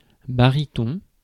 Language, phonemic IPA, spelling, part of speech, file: French, /ba.ʁi.tɔ̃/, baryton, noun / adjective, Fr-baryton.ogg
- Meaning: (noun) 1. baritone 2. baryton; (adjective) barytone